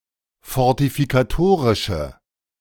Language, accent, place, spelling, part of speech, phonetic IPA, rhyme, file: German, Germany, Berlin, fortifikatorische, adjective, [fɔʁtifikaˈtoːʁɪʃə], -oːʁɪʃə, De-fortifikatorische.ogg
- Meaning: inflection of fortifikatorisch: 1. strong/mixed nominative/accusative feminine singular 2. strong nominative/accusative plural 3. weak nominative all-gender singular